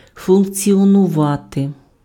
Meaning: to function (to work, operate, be in action)
- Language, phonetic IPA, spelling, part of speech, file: Ukrainian, [fʊnkt͡sʲiɔnʊˈʋate], функціонувати, verb, Uk-функціонувати.ogg